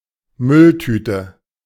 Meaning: bin bag, garbage bag
- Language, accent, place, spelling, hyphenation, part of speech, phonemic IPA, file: German, Germany, Berlin, Mülltüte, Müll‧tü‧te, noun, /ˈmʏlˌtyːtə/, De-Mülltüte.ogg